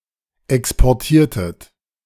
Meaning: inflection of exportieren: 1. second-person plural preterite 2. second-person plural subjunctive II
- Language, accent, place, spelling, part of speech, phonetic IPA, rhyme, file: German, Germany, Berlin, exportiertet, verb, [ˌɛkspɔʁˈtiːɐ̯tət], -iːɐ̯tət, De-exportiertet.ogg